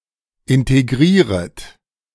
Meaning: second-person plural subjunctive I of integrieren
- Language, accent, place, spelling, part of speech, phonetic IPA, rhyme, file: German, Germany, Berlin, integrieret, verb, [ˌɪnteˈɡʁiːʁət], -iːʁət, De-integrieret.ogg